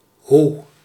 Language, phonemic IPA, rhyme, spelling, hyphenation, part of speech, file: Dutch, /ɦu/, -u, hoe, hoe, adverb / conjunction, Nl-hoe.ogg
- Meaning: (adverb) how; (conjunction) the ... the, forms a parallel comparative